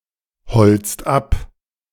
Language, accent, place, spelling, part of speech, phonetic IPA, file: German, Germany, Berlin, holzt ab, verb, [ˌhɔlt͡st ˈap], De-holzt ab.ogg
- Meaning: inflection of abholzen: 1. second/third-person singular present 2. second-person plural present 3. plural imperative